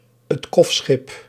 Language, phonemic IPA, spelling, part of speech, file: Dutch, /(ə)t ˈkɔfsxɪp/, 't kofschip, phrase, Nl-'t kofschip.ogg